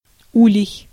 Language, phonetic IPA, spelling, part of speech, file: Russian, [ˈulʲɪj], улей, noun, Ru-улей.ogg
- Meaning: hive, beehive